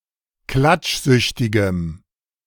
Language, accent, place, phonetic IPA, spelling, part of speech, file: German, Germany, Berlin, [ˈklat͡ʃˌzʏçtɪɡəm], klatschsüchtigem, adjective, De-klatschsüchtigem.ogg
- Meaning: strong dative masculine/neuter singular of klatschsüchtig